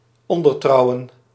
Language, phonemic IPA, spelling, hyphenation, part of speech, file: Dutch, /ˌɔn.dərˈtrɑu̯.ə(n)/, ondertrouwen, on‧der‧trou‧wen, verb, Nl-ondertrouwen.ogg
- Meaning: to undertake an engagement